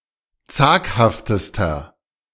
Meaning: inflection of zaghaft: 1. strong/mixed nominative masculine singular superlative degree 2. strong genitive/dative feminine singular superlative degree 3. strong genitive plural superlative degree
- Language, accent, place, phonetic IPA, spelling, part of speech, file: German, Germany, Berlin, [ˈt͡saːkhaftəstɐ], zaghaftester, adjective, De-zaghaftester.ogg